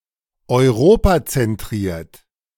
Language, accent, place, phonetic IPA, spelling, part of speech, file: German, Germany, Berlin, [ɔɪ̯ˈʁoːpat͡sɛnˌtʁiːɐ̯t], europazentriert, adjective, De-europazentriert.ogg
- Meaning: Eurocentric